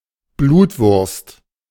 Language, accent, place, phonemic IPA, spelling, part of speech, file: German, Germany, Berlin, /ˈbluːtˌvʊʁst/, Blutwurst, noun, De-Blutwurst.ogg
- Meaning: blood sausage, black pudding